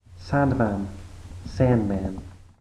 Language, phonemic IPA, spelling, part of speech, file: English, /ˈsænd.mæn/, sandman, noun, En-sandman.ogg
- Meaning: 1. A figure that brings sleep and dreams by sprinkling magical sand into people's eyes 2. Used as a symbol of the passage of time toward death 3. A seller of sand